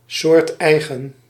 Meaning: specific to or typical for a given species; natural
- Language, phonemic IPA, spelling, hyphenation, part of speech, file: Dutch, /ˌsoːrtˈɛi̯.ɣə(n)/, soorteigen, soort‧ei‧gen, adjective, Nl-soorteigen.ogg